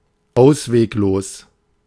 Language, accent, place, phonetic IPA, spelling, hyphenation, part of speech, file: German, Germany, Berlin, [ˈaʊ̯sveːkˌloːs], ausweglos, aus‧weg‧los, adjective, De-ausweglos.ogg
- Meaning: desperate, hopeless